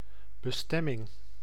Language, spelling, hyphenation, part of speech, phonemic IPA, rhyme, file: Dutch, bestemming, be‧stem‧ming, noun, /bəˈstɛ.mɪŋ/, -ɛmɪŋ, Nl-bestemming.ogg
- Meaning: 1. purpose, future function of something 2. the place set for the end of a journey; destination 3. aim for one's life